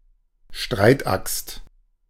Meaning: battle axe
- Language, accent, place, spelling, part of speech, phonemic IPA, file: German, Germany, Berlin, Streitaxt, noun, /ˈʃtʁaɪ̯tˌʔakst/, De-Streitaxt.ogg